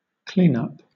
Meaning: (noun) 1. The act of cleaning or tidying something 2. The act of finishing something off 3. Fourth in the batting order; a cleanup hitter; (verb) Misspelling of clean up
- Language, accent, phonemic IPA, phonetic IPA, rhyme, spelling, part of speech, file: English, Southern England, /ˈkliːnʌp/, [ˈkʰliːˌnʌp], -iːnʌp, cleanup, noun / verb, LL-Q1860 (eng)-cleanup.wav